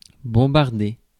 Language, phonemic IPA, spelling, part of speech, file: French, /bɔ̃.baʁ.de/, bombarder, verb, Fr-bombarder.ogg
- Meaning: to shell, blitz